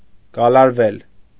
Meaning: 1. mediopassive of գալարել (galarel) 2. to coil, twist, crinkle, wriggle
- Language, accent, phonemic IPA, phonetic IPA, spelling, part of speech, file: Armenian, Eastern Armenian, /ɡɑlɑɾˈvel/, [ɡɑlɑɾvél], գալարվել, verb, Hy-գալարվել.ogg